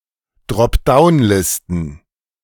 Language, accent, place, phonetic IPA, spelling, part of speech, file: German, Germany, Berlin, [dʁɔpˈdaʊ̯nˌlɪstn̩], Dropdown-Listen, noun, De-Dropdown-Listen.ogg
- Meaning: plural of Dropdown-Liste